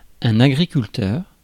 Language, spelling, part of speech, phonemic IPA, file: French, agriculteur, noun, /a.ɡʁi.kyl.tœʁ/, Fr-agriculteur.ogg
- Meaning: farmer (person who works the land or who keeps livestock)